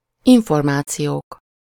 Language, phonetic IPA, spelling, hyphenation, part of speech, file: Hungarian, [ˈiɱformaːt͡sijoːk], információk, in‧for‧má‧ci‧ók, noun, Hu-információk.ogg
- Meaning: nominative plural of információ